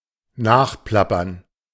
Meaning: to regurgitate (repeat information)
- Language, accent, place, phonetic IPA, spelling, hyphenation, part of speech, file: German, Germany, Berlin, [ˈnaːχˌplapɐn], nachplappern, nach‧plap‧pern, verb, De-nachplappern.ogg